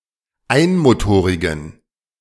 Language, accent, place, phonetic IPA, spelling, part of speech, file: German, Germany, Berlin, [ˈaɪ̯nmoˌtoːʁɪɡn̩], einmotorigen, adjective, De-einmotorigen.ogg
- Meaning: inflection of einmotorig: 1. strong genitive masculine/neuter singular 2. weak/mixed genitive/dative all-gender singular 3. strong/weak/mixed accusative masculine singular 4. strong dative plural